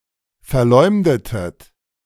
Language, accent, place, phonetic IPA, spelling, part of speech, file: German, Germany, Berlin, [fɛɐ̯ˈlɔɪ̯mdətət], verleumdetet, verb, De-verleumdetet.ogg
- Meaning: inflection of verleumden: 1. second-person plural preterite 2. second-person plural subjunctive II